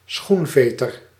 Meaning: a shoelace, a shoestring
- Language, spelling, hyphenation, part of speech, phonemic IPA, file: Dutch, schoenveter, schoen‧ve‧ter, noun, /ˈsxunˌfeː.tər/, Nl-schoenveter.ogg